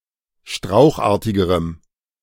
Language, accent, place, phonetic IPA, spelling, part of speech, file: German, Germany, Berlin, [ˈʃtʁaʊ̯xˌʔaːɐ̯tɪɡəʁəm], strauchartigerem, adjective, De-strauchartigerem.ogg
- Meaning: strong dative masculine/neuter singular comparative degree of strauchartig